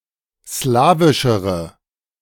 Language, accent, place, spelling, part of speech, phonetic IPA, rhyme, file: German, Germany, Berlin, slawischere, adjective, [ˈslaːvɪʃəʁə], -aːvɪʃəʁə, De-slawischere.ogg
- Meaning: inflection of slawisch: 1. strong/mixed nominative/accusative feminine singular comparative degree 2. strong nominative/accusative plural comparative degree